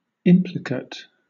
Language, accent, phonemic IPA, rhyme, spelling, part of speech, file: English, Southern England, /ˈɪmplɪkət/, -ət, implicate, noun / adjective, LL-Q1860 (eng)-implicate.wav
- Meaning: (noun) The thing implied; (adjective) Intertwined, enfolded, twisted together; wrapped up (with), entangled, involved (in)